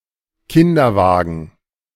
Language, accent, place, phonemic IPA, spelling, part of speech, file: German, Germany, Berlin, /ˈkɪndɐˌvaːɡən/, Kinderwagen, noun, De-Kinderwagen.ogg
- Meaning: a carriage for a baby or small child, especially a pram/baby carriage, but also a pushchair/stroller